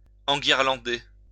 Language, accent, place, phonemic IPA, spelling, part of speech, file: French, France, Lyon, /ɑ̃.ɡiʁ.lɑ̃.de/, enguirlander, verb, LL-Q150 (fra)-enguirlander.wav
- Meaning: 1. to festoon, hang with garlands 2. to tell off, tick off